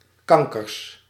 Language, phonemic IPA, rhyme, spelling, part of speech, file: Dutch, /ˈkɑŋ.kərs/, -ɑŋkərs, kankers, noun, Nl-kankers.ogg
- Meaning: plural of kanker